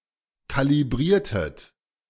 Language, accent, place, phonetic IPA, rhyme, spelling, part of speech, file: German, Germany, Berlin, [ˌkaliˈbʁiːɐ̯tət], -iːɐ̯tət, kalibriertet, verb, De-kalibriertet.ogg
- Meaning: inflection of kalibrieren: 1. second-person plural preterite 2. second-person plural subjunctive II